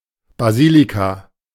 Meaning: basilica
- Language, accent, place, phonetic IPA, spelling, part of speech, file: German, Germany, Berlin, [baˈziːlika], Basilika, noun, De-Basilika.ogg